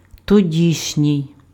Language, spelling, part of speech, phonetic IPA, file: Ukrainian, тодішній, adjective, [toˈdʲiʃnʲii̯], Uk-тодішній.ogg
- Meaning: then (attributive), of that time